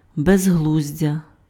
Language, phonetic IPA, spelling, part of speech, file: Ukrainian, [bezˈɦɫuzʲdʲɐ], безглуздя, noun, Uk-безглуздя.ogg
- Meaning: nonsense, absurdity, senselessness, foolishness